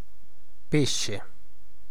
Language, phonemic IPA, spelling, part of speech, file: Italian, /ˈpeʃʃe/, pesce, noun, It-pesce.ogg